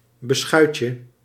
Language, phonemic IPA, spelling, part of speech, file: Dutch, /bəˈsxœycə/, beschuitje, noun, Nl-beschuitje.ogg
- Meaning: diminutive of beschuit